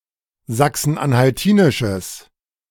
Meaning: strong/mixed nominative/accusative neuter singular of sachsen-anhaltinisch
- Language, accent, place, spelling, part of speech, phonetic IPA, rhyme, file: German, Germany, Berlin, sachsen-anhaltinisches, adjective, [ˌzaksn̩ʔanhalˈtiːnɪʃəs], -iːnɪʃəs, De-sachsen-anhaltinisches.ogg